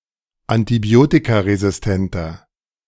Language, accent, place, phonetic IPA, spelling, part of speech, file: German, Germany, Berlin, [antiˈbi̯oːtikaʁezɪsˌtɛntɐ], antibiotikaresistenter, adjective, De-antibiotikaresistenter.ogg
- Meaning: inflection of antibiotikaresistent: 1. strong/mixed nominative masculine singular 2. strong genitive/dative feminine singular 3. strong genitive plural